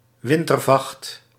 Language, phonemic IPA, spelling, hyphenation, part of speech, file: Dutch, /ˈʋɪn.tərˌvɑxt/, wintervacht, win‧ter‧vacht, noun, Nl-wintervacht.ogg
- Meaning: winter coat